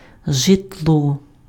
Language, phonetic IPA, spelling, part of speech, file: Ukrainian, [ʒetˈɫɔ], житло, noun, Uk-житло.ogg
- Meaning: dwelling, habitation